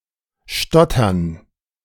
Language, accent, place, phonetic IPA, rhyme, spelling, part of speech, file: German, Germany, Berlin, [ˈʃtɔtɐn], -ɔtɐn, Stottern, noun, De-Stottern.ogg
- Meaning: gerund of stottern; stutter